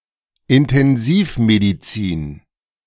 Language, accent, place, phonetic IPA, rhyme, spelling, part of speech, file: German, Germany, Berlin, [ɪntɛnˈziːfmediˌt͡siːn], -iːfmedit͡siːn, Intensivmedizin, noun, De-Intensivmedizin.ogg
- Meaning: intensive care medicine